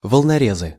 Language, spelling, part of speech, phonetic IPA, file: Russian, волнорезы, noun, [vəɫnɐˈrʲezɨ], Ru-волнорезы.ogg
- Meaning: nominative/accusative plural of волноре́з (volnoréz)